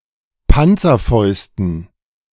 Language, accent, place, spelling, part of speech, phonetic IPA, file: German, Germany, Berlin, Panzerfäusten, noun, [ˈpant͡sɐˌfɔɪ̯stn̩], De-Panzerfäusten.ogg
- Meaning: dative plural of Panzerfaust